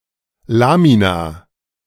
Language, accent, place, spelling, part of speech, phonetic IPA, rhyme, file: German, Germany, Berlin, Lamina, noun, [ˈlaːmina], -aːmina, De-Lamina.ogg
- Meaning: lamina